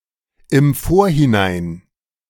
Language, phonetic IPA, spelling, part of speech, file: German, [ɪm ˈfoːɐ̯hɪˌnaɪ̯n], im Vorhinein, prepositional phrase, De-im Vorhinein.oga
- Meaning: in advance